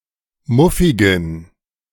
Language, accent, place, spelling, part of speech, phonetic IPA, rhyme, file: German, Germany, Berlin, muffigen, adjective, [ˈmʊfɪɡn̩], -ʊfɪɡn̩, De-muffigen.ogg
- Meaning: inflection of muffig: 1. strong genitive masculine/neuter singular 2. weak/mixed genitive/dative all-gender singular 3. strong/weak/mixed accusative masculine singular 4. strong dative plural